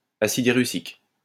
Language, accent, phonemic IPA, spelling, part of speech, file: French, France, /a.sid e.ʁy.sik/, acide érucique, noun, LL-Q150 (fra)-acide érucique.wav
- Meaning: erucic acid